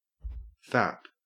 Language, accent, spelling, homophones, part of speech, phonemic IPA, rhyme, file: English, Australia, fap, FAP / FAPP, adjective / interjection / verb / noun, /fæp/, -æp, En-au-fap.ogg
- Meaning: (adjective) Drunk; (interjection) Indicates that someone (normally the speaker) is either masturbating, or inspired to by sexual arousal; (verb) To masturbate; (noun) A session of masturbation